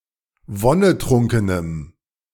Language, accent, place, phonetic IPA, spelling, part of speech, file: German, Germany, Berlin, [ˈvɔnəˌtʁʊŋkənəm], wonnetrunkenem, adjective, De-wonnetrunkenem.ogg
- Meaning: strong dative masculine/neuter singular of wonnetrunken